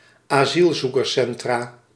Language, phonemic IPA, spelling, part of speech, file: Dutch, /aˈzilzukərˌsɛntra/, asielzoekerscentra, noun, Nl-asielzoekerscentra.ogg
- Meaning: plural of asielzoekerscentrum